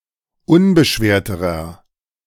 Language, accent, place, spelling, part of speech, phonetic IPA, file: German, Germany, Berlin, unbeschwerterer, adjective, [ˈʊnbəˌʃveːɐ̯təʁɐ], De-unbeschwerterer.ogg
- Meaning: inflection of unbeschwert: 1. strong/mixed nominative masculine singular comparative degree 2. strong genitive/dative feminine singular comparative degree 3. strong genitive plural comparative degree